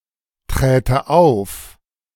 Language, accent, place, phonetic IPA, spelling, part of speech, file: German, Germany, Berlin, [ˌtʁɛːtə ˈaʊ̯f], träte auf, verb, De-träte auf.ogg
- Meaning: first/third-person singular subjunctive II of auftreten